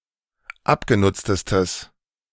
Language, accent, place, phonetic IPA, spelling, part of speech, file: German, Germany, Berlin, [ˈapɡeˌnʊt͡stəstəs], abgenutztestes, adjective, De-abgenutztestes.ogg
- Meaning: strong/mixed nominative/accusative neuter singular superlative degree of abgenutzt